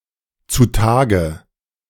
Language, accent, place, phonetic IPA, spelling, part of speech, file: German, Germany, Berlin, [t͡su ˈtaːɡə], zu Tage, adverb, De-zu Tage.ogg
- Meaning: alternative form of zutage